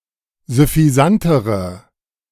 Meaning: inflection of süffisant: 1. strong/mixed nominative/accusative feminine singular comparative degree 2. strong nominative/accusative plural comparative degree
- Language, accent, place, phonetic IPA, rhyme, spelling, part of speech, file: German, Germany, Berlin, [zʏfiˈzantəʁə], -antəʁə, süffisantere, adjective, De-süffisantere.ogg